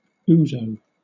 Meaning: 1. An anise-flavoured aperitif, originating in Greece 2. A serving of this drink
- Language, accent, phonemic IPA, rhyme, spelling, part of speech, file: English, Southern England, /ˈuːzəʊ/, -uːzəʊ, ouzo, noun, LL-Q1860 (eng)-ouzo.wav